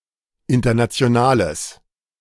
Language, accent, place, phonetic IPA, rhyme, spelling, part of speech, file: German, Germany, Berlin, [ˌɪntɐnat͡si̯oˈnaːləs], -aːləs, internationales, adjective, De-internationales.ogg
- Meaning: strong/mixed nominative/accusative neuter singular of international